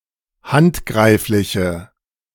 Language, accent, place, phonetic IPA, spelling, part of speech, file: German, Germany, Berlin, [ˈhantˌɡʁaɪ̯flɪçə], handgreifliche, adjective, De-handgreifliche.ogg
- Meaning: inflection of handgreiflich: 1. strong/mixed nominative/accusative feminine singular 2. strong nominative/accusative plural 3. weak nominative all-gender singular